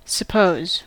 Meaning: 1. To take for granted; to conclude, with less than absolute supporting data; to believe 2. To theorize or hypothesize 3. To imagine; to believe; to receive as true
- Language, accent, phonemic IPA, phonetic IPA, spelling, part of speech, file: English, US, /səˈpoʊz/, [səˈpʰoʊz], suppose, verb, En-us-suppose.ogg